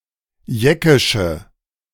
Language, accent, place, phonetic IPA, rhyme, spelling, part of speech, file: German, Germany, Berlin, [ˈjɛkɪʃə], -ɛkɪʃə, jeckische, adjective, De-jeckische.ogg
- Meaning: inflection of jeckisch: 1. strong/mixed nominative/accusative feminine singular 2. strong nominative/accusative plural 3. weak nominative all-gender singular